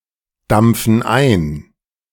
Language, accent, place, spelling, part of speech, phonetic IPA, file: German, Germany, Berlin, dampfen ein, verb, [ˌdamp͡fn̩ ˈaɪ̯n], De-dampfen ein.ogg
- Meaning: inflection of eindampfen: 1. first/third-person plural present 2. first/third-person plural subjunctive I